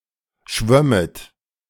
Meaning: second-person plural subjunctive II of schwimmen
- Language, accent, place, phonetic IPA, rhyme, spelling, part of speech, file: German, Germany, Berlin, [ˈʃvœmət], -œmət, schwömmet, verb, De-schwömmet.ogg